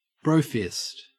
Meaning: A fist bump between men
- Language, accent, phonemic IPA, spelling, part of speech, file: English, Australia, /ˈbɹoʊˌfɪst/, brofist, noun, En-au-brofist.ogg